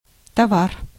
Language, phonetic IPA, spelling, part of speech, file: Russian, [tɐˈvar], товар, noun, Ru-товар.ogg
- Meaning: 1. commodity, product, article 2. goods, wares